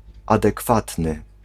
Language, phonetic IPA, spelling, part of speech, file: Polish, [ˌadɛˈkfatnɨ], adekwatny, adjective, Pl-adekwatny.ogg